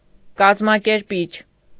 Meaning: organizer
- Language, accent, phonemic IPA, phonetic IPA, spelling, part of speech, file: Armenian, Eastern Armenian, /kɑzmɑkeɾˈpit͡ʃʰ/, [kɑzmɑkeɾpít͡ʃʰ], կազմակերպիչ, noun, Hy-կազմակերպիչ.ogg